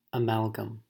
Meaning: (noun) 1. An alloy containing mercury 2. A combination of different things 3. One of the ingredients in an alloy 4. An alloy of mercury used to fill tooth cavities
- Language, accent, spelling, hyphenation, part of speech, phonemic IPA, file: English, US, amalgam, a‧mal‧gam, noun / verb, /əˈmæl.ɡəm/, En-us-amalgam.ogg